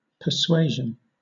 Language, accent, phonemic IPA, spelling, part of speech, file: English, Southern England, /pəˈsweɪʒ(ə)n/, persuasion, noun, LL-Q1860 (eng)-persuasion.wav
- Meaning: The act of persuading, or trying to do so; the addressing of arguments to someone with the intention of changing their mind or convincing them of a certain point of view, course of action etc